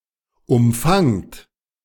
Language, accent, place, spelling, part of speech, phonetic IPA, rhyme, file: German, Germany, Berlin, umfangt, verb, [ʊmˈfaŋt], -aŋt, De-umfangt.ogg
- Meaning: inflection of umfangen: 1. second-person plural present 2. plural imperative